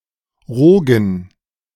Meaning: roe (fish eggs collectively)
- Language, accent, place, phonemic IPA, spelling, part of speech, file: German, Germany, Berlin, /ˈʁoːɡən/, Rogen, noun, De-Rogen.ogg